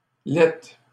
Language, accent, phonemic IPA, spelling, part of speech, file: French, Canada, /lɛt/, laittes, adjective, LL-Q150 (fra)-laittes.wav
- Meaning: plural of laitte